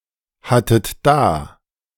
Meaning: second-person plural preterite of dahaben
- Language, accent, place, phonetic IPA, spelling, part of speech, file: German, Germany, Berlin, [ˌhatət ˈdaː], hattet da, verb, De-hattet da.ogg